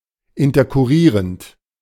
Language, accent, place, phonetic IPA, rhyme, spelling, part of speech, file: German, Germany, Berlin, [ɪntɐkʊˈʁiːʁənt], -iːʁənt, interkurrierend, adjective, De-interkurrierend.ogg
- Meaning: synonym of interkurrent